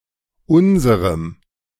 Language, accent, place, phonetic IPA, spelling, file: German, Germany, Berlin, [ˈʊnzəʁəm], unserem, De-unserem.ogg
- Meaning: dative masculine/neuter singular of unser